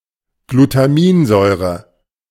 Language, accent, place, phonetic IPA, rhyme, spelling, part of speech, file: German, Germany, Berlin, [ɡlutaˈmiːnˌzɔɪ̯ʁə], -iːnzɔɪ̯ʁə, Glutaminsäure, noun, De-Glutaminsäure.ogg
- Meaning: glutamic acid